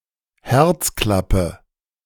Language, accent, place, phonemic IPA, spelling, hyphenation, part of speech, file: German, Germany, Berlin, /ˈhɛʁt͡sˌklapə/, Herzklappe, Herz‧klap‧pe, noun, De-Herzklappe.ogg
- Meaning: heart valve